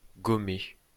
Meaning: past participle of gommer
- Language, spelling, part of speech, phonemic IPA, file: French, gommé, verb, /ɡɔ.me/, LL-Q150 (fra)-gommé.wav